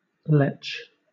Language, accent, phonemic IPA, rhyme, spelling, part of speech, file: English, Southern England, /lɛt͡ʃ/, -ɛtʃ, letch, noun / verb, LL-Q1860 (eng)-letch.wav
- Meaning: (noun) 1. Strong desire; passion 2. A lecher; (verb) Alternative form of lech (“to behave lecherously”); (noun) 1. A stream or pool in boggy land 2. Alternative form of leach